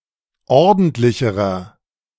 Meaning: inflection of ordentlich: 1. strong/mixed nominative masculine singular comparative degree 2. strong genitive/dative feminine singular comparative degree 3. strong genitive plural comparative degree
- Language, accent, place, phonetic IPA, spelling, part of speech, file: German, Germany, Berlin, [ˈɔʁdn̩tlɪçəʁɐ], ordentlicherer, adjective, De-ordentlicherer.ogg